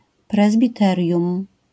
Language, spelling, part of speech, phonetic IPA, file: Polish, prezbiterium, noun, [ˌprɛzbʲiˈtɛrʲjũm], LL-Q809 (pol)-prezbiterium.wav